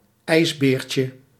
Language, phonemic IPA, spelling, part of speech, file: Dutch, /ˈɛizbercə/, ijsbeertje, noun, Nl-ijsbeertje.ogg
- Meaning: diminutive of ijsbeer